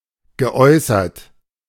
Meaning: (verb) past participle of äußern; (adjective) expressed
- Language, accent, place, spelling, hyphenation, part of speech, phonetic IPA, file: German, Germany, Berlin, geäußert, ge‧äu‧ßert, verb / adjective, [ɡəˈɔʏ̯sɐt], De-geäußert.ogg